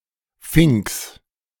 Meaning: genitive singular of Fink
- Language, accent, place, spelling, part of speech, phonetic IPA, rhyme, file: German, Germany, Berlin, Finks, noun, [fɪŋks], -ɪŋks, De-Finks.ogg